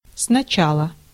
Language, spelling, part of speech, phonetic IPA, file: Russian, сначала, adverb, [snɐˈt͡ɕaɫə], Ru-сначала.ogg
- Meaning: at first